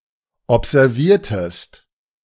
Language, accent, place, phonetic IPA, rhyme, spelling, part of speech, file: German, Germany, Berlin, [ɔpzɛʁˈviːɐ̯təst], -iːɐ̯təst, observiertest, verb, De-observiertest.ogg
- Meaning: inflection of observieren: 1. second-person singular preterite 2. second-person singular subjunctive II